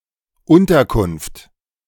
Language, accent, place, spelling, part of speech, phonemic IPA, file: German, Germany, Berlin, Unterkunft, noun, /ˈʊntɐˌkʊnft/, De-Unterkunft.ogg
- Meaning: accommodation (lodging)